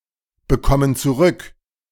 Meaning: inflection of zurückbekommen: 1. first/third-person plural present 2. first/third-person plural subjunctive I
- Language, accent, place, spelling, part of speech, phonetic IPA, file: German, Germany, Berlin, bekommen zurück, verb, [bəˌkɔmən t͡suˈʁʏk], De-bekommen zurück.ogg